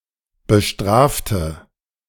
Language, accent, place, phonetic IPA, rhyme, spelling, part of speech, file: German, Germany, Berlin, [bəˈʃtʁaːftə], -aːftə, bestrafte, adjective / verb, De-bestrafte.ogg
- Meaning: inflection of bestrafen: 1. first/third-person singular preterite 2. first/third-person singular subjunctive II